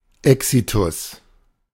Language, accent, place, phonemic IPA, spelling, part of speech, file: German, Germany, Berlin, /ˈɛksitʊs/, Exitus, noun, De-Exitus.ogg
- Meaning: death, passing